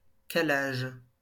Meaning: 1. timing (of an engine) 2. synchronization 3. adjustment
- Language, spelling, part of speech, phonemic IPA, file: French, calage, noun, /ka.laʒ/, LL-Q150 (fra)-calage.wav